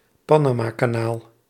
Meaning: Panama Canal (a canal in Panama)
- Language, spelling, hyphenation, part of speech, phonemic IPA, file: Dutch, Panamakanaal, Pa‧na‧ma‧ka‧naal, proper noun, /ˈpaː.naː.maː.kaːˌnaːl/, Nl-Panamakanaal.ogg